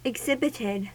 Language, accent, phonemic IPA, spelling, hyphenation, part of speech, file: English, US, /ɪɡˈzɪbɪtɪd/, exhibited, ex‧hib‧it‧ed, verb, En-us-exhibited.ogg
- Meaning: simple past and past participle of exhibit